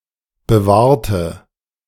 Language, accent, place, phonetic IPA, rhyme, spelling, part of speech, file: German, Germany, Berlin, [bəˈvaːɐ̯tə], -aːɐ̯tə, bewahrte, adjective / verb, De-bewahrte.ogg
- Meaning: inflection of bewahren: 1. first/third-person singular preterite 2. first/third-person singular subjunctive II